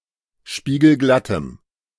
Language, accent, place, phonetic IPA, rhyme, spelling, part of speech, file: German, Germany, Berlin, [ˌʃpiːɡl̩ˈɡlatəm], -atəm, spiegelglattem, adjective, De-spiegelglattem.ogg
- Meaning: strong dative masculine/neuter singular of spiegelglatt